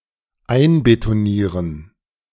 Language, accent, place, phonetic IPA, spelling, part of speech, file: German, Germany, Berlin, [ˈaɪ̯nbetoˌniːʁən], einbetonieren, verb, De-einbetonieren.ogg
- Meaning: to concrete: to encase in or cover with concrete